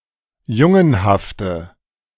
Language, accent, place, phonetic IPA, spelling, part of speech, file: German, Germany, Berlin, [ˈjʊŋənhaftə], jungenhafte, adjective, De-jungenhafte.ogg
- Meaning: inflection of jungenhaft: 1. strong/mixed nominative/accusative feminine singular 2. strong nominative/accusative plural 3. weak nominative all-gender singular